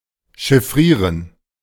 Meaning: to encode
- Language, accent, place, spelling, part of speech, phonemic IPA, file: German, Germany, Berlin, chiffrieren, verb, /ʃɪfˈʁiːʁən/, De-chiffrieren.ogg